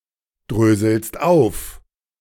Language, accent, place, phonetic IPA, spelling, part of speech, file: German, Germany, Berlin, [ˌdʁøːzl̩st ˈaʊ̯f], dröselst auf, verb, De-dröselst auf.ogg
- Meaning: second-person singular present of aufdröseln